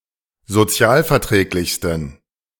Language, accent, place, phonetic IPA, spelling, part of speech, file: German, Germany, Berlin, [zoˈt͡si̯aːlfɛɐ̯ˌtʁɛːklɪçstn̩], sozialverträglichsten, adjective, De-sozialverträglichsten.ogg
- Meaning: 1. superlative degree of sozialverträglich 2. inflection of sozialverträglich: strong genitive masculine/neuter singular superlative degree